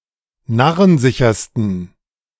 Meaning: 1. superlative degree of narrensicher 2. inflection of narrensicher: strong genitive masculine/neuter singular superlative degree
- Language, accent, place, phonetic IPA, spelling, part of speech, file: German, Germany, Berlin, [ˈnaʁənˌzɪçɐstn̩], narrensichersten, adjective, De-narrensichersten.ogg